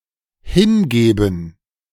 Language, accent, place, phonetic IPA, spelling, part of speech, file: German, Germany, Berlin, [ˈhɪnˌɡeːbn̩], hingeben, verb, De-hingeben.ogg
- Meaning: 1. to hand over (away from speaker) 2. to sacrifice 3. to devote